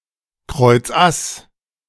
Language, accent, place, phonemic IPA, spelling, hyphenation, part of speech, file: German, Germany, Berlin, /ˌkʁɔɪ̯t͡sˈʔas/, Kreuzass, Kreuz‧ass, noun, De-Kreuzass.ogg
- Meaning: ace of clubs